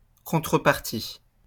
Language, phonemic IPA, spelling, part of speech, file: French, /kɔ̃.tʁə.paʁ.ti/, contrepartie, noun, LL-Q150 (fra)-contrepartie.wav
- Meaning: 1. equivalent, counterpart 2. compensation